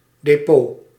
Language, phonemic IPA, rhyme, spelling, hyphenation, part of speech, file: Dutch, /deːˈpoː/, -oː, depot, de‧pot, noun, Nl-depot.ogg
- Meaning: a depot, a storage facility